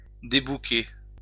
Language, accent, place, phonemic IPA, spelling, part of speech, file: French, France, Lyon, /de.bu.ke/, débouquer, verb, LL-Q150 (fra)-débouquer.wav
- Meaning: to disembogue